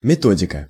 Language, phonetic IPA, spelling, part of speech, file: Russian, [mʲɪˈtodʲɪkə], методика, noun, Ru-методика.ogg
- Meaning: method(s), methodology